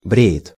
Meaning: third-person singular present indicative imperfective of брить (britʹ)
- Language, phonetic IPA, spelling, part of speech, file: Russian, [ˈbrʲe(j)ɪt], бреет, verb, Ru-бреет.ogg